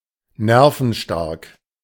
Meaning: to have strong nerves; strong-nerved
- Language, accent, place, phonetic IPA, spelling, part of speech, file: German, Germany, Berlin, [ˈnɛʁfn̩ˌʃtaʁk], nervenstark, adjective, De-nervenstark.ogg